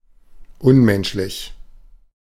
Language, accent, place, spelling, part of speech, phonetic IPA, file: German, Germany, Berlin, unmenschlich, adjective, [ˈʊnˌmɛnʃlɪç], De-unmenschlich.ogg
- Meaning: inhuman, inhumane